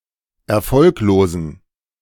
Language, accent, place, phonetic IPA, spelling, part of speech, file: German, Germany, Berlin, [ɛɐ̯ˈfɔlkloːzn̩], erfolglosen, adjective, De-erfolglosen.ogg
- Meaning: inflection of erfolglos: 1. strong genitive masculine/neuter singular 2. weak/mixed genitive/dative all-gender singular 3. strong/weak/mixed accusative masculine singular 4. strong dative plural